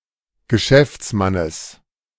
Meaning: genitive singular of Geschäftsmann
- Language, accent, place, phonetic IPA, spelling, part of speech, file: German, Germany, Berlin, [ɡəˈʃɛft͡sˌmanəs], Geschäftsmannes, noun, De-Geschäftsmannes.ogg